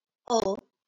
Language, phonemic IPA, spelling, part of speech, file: Marathi, /ə/, अ, character, LL-Q1571 (mar)-अ.wav
- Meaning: The first vowel in Marathi